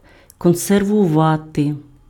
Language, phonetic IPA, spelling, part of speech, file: Ukrainian, [kɔnserwʊˈʋate], консервувати, verb, Uk-консервувати.ogg
- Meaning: 1. to preserve, to conserve (store food in sealed containers to prevent it from spoiling) 2. to preserve, to conserve (protect against decay by applying a special treatment or conditions)